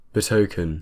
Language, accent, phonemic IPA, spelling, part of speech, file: English, UK, /bɪˈtoʊ.kən/, betoken, verb, En-uk-betoken.ogg
- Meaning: 1. To signify by some visible object; show by signs or tokens 2. To foreshow by present signs; indicate something in the future by that which is seen or known